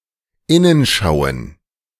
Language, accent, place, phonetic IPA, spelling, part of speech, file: German, Germany, Berlin, [ˈɪnənˌʃaʊ̯ən], Innenschauen, noun, De-Innenschauen.ogg
- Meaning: plural of Innenschau